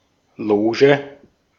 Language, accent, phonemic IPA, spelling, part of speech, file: German, Austria, /ˈloːʒə/, Loge, noun, De-at-Loge.ogg
- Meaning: 1. box 2. lodge